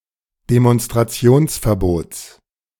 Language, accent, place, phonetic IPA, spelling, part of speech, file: German, Germany, Berlin, [demɔnstʁaˈt͡si̯oːnsfɛɐ̯ˌboːt͡s], Demonstrationsverbots, noun, De-Demonstrationsverbots.ogg
- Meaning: genitive of Demonstrationsverbot